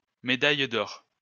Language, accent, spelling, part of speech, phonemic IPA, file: French, France, médaille d'or, noun, /me.daj d‿ɔʁ/, LL-Q150 (fra)-médaille d'or.wav
- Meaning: gold medal